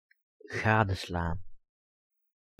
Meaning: to observe thoroughly
- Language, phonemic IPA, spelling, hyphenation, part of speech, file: Dutch, /ˈɣaːdə.slaːn/, gadeslaan, ga‧de‧slaan, verb, Nl-gadeslaan.ogg